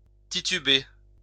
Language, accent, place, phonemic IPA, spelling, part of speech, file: French, France, Lyon, /ti.ty.be/, tituber, verb, LL-Q150 (fra)-tituber.wav
- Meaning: to stagger